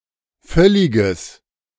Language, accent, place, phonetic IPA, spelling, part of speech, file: German, Germany, Berlin, [ˈfœlɪɡəs], völliges, adjective, De-völliges.ogg
- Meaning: strong/mixed nominative/accusative neuter singular of völlig